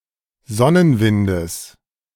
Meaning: genitive singular of Sonnenwind
- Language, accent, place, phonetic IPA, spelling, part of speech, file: German, Germany, Berlin, [ˈzɔnənˌvɪndəs], Sonnenwindes, noun, De-Sonnenwindes.ogg